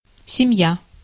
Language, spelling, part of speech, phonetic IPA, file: Russian, семья, noun, [sʲɪˈm⁽ʲ⁾ja], Ru-семья.ogg
- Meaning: family